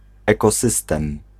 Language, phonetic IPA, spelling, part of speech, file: Polish, [ˌɛkɔˈsɨstɛ̃m], ekosystem, noun, Pl-ekosystem.ogg